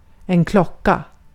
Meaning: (noun) 1. clock, watch; an instrument used to measure or keep track of time 2. the time (of day) 3. bell; metallic resonating object 4. bell; signal at a school
- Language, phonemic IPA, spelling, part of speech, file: Swedish, /ˈklɔˌkːa/, klocka, noun / verb, Sv-klocka.ogg